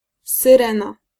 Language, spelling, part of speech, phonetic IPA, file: Polish, syrena, noun, [sɨˈrɛ̃na], Pl-syrena.ogg